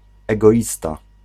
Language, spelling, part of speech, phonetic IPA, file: Polish, egoista, noun, [ˌɛɡɔˈʲista], Pl-egoista.ogg